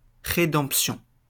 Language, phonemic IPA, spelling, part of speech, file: French, /ʁe.dɑ̃p.sjɔ̃/, rédemption, noun, LL-Q150 (fra)-rédemption.wav
- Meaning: 1. redemption; salvation 2. buyout